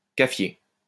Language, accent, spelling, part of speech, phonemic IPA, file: French, France, cafier, noun, /ka.fje/, LL-Q150 (fra)-cafier.wav
- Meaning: alternative form of caféier